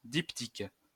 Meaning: 1. diptych 2. two-part film
- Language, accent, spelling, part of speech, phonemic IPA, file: French, France, diptyque, noun, /dip.tik/, LL-Q150 (fra)-diptyque.wav